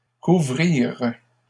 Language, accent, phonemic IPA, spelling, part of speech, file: French, Canada, /ku.vʁiʁ/, couvrirent, verb, LL-Q150 (fra)-couvrirent.wav
- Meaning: third-person plural past historic of couvrir